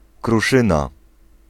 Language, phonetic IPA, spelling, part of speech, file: Polish, [kruˈʃɨ̃na], kruszyna, noun, Pl-kruszyna.ogg